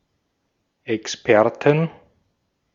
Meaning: 1. dative singular of Experte 2. genitive singular of Experte 3. plural of Experte
- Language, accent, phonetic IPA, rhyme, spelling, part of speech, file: German, Austria, [ɛksˈpɛʁtn̩], -ɛʁtn̩, Experten, noun, De-at-Experten.ogg